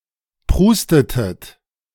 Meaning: inflection of prusten: 1. second-person plural preterite 2. second-person plural subjunctive II
- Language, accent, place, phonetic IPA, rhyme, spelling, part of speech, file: German, Germany, Berlin, [ˈpʁuːstətət], -uːstətət, prustetet, verb, De-prustetet.ogg